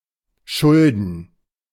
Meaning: 1. to owe 2. to be due to
- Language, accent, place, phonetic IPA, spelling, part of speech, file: German, Germany, Berlin, [ˈʃʊldn̩], schulden, verb, De-schulden.ogg